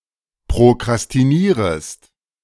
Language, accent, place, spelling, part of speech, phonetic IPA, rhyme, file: German, Germany, Berlin, prokrastinierest, verb, [pʁokʁastiˈniːʁəst], -iːʁəst, De-prokrastinierest.ogg
- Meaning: second-person singular subjunctive I of prokrastinieren